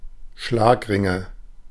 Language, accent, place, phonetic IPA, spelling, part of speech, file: German, Germany, Berlin, [ˈʃlaːkˌʁɪŋə], Schlagringe, noun, De-Schlagringe.ogg
- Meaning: nominative/accusative/genitive plural of Schlagring